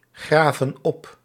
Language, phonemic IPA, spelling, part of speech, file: Dutch, /ˈɣravə(n) ˈɔp/, graven op, verb, Nl-graven op.ogg
- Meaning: inflection of opgraven: 1. plural present indicative 2. plural present subjunctive